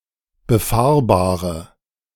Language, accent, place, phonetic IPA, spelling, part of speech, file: German, Germany, Berlin, [bəˈfaːɐ̯baːʁə], befahrbare, adjective, De-befahrbare.ogg
- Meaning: inflection of befahrbar: 1. strong/mixed nominative/accusative feminine singular 2. strong nominative/accusative plural 3. weak nominative all-gender singular